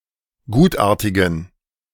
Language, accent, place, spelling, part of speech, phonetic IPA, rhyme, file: German, Germany, Berlin, gutartigen, adjective, [ˈɡuːtˌʔaːɐ̯tɪɡn̩], -uːtʔaːɐ̯tɪɡn̩, De-gutartigen.ogg
- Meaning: inflection of gutartig: 1. strong genitive masculine/neuter singular 2. weak/mixed genitive/dative all-gender singular 3. strong/weak/mixed accusative masculine singular 4. strong dative plural